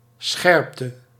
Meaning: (noun) sharpness, acuity; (verb) inflection of scherpen: 1. singular past indicative 2. singular past subjunctive
- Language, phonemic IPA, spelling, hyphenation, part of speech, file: Dutch, /ˈsxɛrp.tə/, scherpte, scherp‧te, noun / verb, Nl-scherpte.ogg